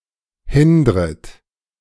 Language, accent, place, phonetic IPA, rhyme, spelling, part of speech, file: German, Germany, Berlin, [ˈhɪndʁət], -ɪndʁət, hindret, verb, De-hindret.ogg
- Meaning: second-person plural subjunctive I of hindern